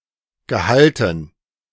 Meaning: dative plural of Gehalt
- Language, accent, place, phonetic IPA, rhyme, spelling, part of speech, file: German, Germany, Berlin, [ɡəˈhaltn̩], -altn̩, Gehalten, noun, De-Gehalten.ogg